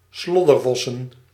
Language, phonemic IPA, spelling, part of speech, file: Dutch, /ˈslɔdərˌvɔsə(n)/, sloddervossen, noun, Nl-sloddervossen.ogg
- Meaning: plural of sloddervos